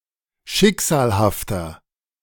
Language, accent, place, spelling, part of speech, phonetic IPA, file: German, Germany, Berlin, schicksalhafter, adjective, [ˈʃɪkz̥aːlhaftɐ], De-schicksalhafter.ogg
- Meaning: 1. comparative degree of schicksalhaft 2. inflection of schicksalhaft: strong/mixed nominative masculine singular 3. inflection of schicksalhaft: strong genitive/dative feminine singular